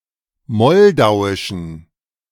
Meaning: inflection of moldauisch: 1. strong genitive masculine/neuter singular 2. weak/mixed genitive/dative all-gender singular 3. strong/weak/mixed accusative masculine singular 4. strong dative plural
- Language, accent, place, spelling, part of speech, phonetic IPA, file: German, Germany, Berlin, moldauischen, adjective, [ˈmɔldaʊ̯ɪʃn̩], De-moldauischen.ogg